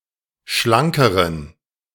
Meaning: inflection of schlank: 1. strong genitive masculine/neuter singular comparative degree 2. weak/mixed genitive/dative all-gender singular comparative degree
- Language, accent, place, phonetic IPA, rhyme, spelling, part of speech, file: German, Germany, Berlin, [ˈʃlaŋkəʁən], -aŋkəʁən, schlankeren, adjective, De-schlankeren.ogg